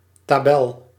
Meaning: table (grid of data in rows and columns)
- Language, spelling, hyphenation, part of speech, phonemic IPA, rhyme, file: Dutch, tabel, ta‧bel, noun, /taːˈbɛl/, -ɛl, Nl-tabel.ogg